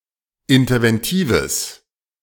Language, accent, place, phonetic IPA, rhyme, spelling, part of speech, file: German, Germany, Berlin, [ɪntɐvɛnˈtiːvəs], -iːvəs, interventives, adjective, De-interventives.ogg
- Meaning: strong/mixed nominative/accusative neuter singular of interventiv